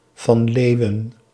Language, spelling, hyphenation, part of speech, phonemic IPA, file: Dutch, van Leeuwen, van Leeu‧wen, proper noun, /vɑn ˈleːu̯.ə(n)/, Nl-van Leeuwen.ogg
- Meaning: a surname